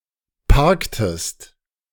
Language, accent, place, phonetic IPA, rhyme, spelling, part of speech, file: German, Germany, Berlin, [ˈpaʁktəst], -aʁktəst, parktest, verb, De-parktest.ogg
- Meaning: inflection of parken: 1. second-person singular preterite 2. second-person singular subjunctive II